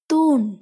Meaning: pillar, column
- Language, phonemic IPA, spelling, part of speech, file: Tamil, /t̪uːɳ/, தூண், noun, Ta-தூண்.ogg